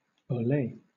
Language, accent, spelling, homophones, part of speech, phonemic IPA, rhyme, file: English, Southern England, olé, olay, interjection, /oʊˈleɪ/, -eɪ, LL-Q1860 (eng)-olé.wav
- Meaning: An expression of excitement. Hooray!